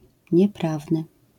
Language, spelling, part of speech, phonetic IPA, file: Polish, nieprawny, adjective, [ɲɛˈpravnɨ], LL-Q809 (pol)-nieprawny.wav